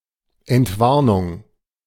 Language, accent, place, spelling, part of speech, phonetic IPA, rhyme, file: German, Germany, Berlin, Entwarnung, noun, [ɛntˈvaʁnʊŋ], -aʁnʊŋ, De-Entwarnung.ogg
- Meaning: all-clear